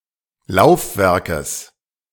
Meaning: genitive singular of Laufwerk
- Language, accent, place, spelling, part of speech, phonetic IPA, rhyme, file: German, Germany, Berlin, Laufwerkes, noun, [ˈlaʊ̯fˌvɛʁkəs], -aʊ̯fvɛʁkəs, De-Laufwerkes.ogg